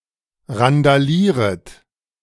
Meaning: second-person plural subjunctive I of randalieren
- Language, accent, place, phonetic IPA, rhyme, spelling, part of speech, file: German, Germany, Berlin, [ʁandaˈliːʁət], -iːʁət, randalieret, verb, De-randalieret.ogg